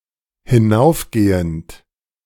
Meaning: present participle of hinaufgehen
- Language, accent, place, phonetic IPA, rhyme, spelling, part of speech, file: German, Germany, Berlin, [hɪˈnaʊ̯fˌɡeːənt], -aʊ̯fɡeːənt, hinaufgehend, verb, De-hinaufgehend.ogg